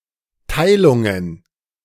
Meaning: plural of Teilung
- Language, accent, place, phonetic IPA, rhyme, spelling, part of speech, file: German, Germany, Berlin, [ˈtaɪ̯lʊŋən], -aɪ̯lʊŋən, Teilungen, noun, De-Teilungen.ogg